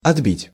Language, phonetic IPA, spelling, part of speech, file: Russian, [ɐdˈbʲitʲ], отбить, verb, Ru-отбить.ogg
- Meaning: 1. to beat off (an attack; enemies), to repulse 2. to knock off, to break off 3. to parry, to return (a ball) 4. to take, to snatch away (by force) 5. to liberate (by force)